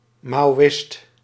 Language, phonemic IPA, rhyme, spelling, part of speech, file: Dutch, /ˌmaː.oːˈɪst/, -ɪst, maoïst, noun, Nl-maoïst.ogg
- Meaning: a Maoist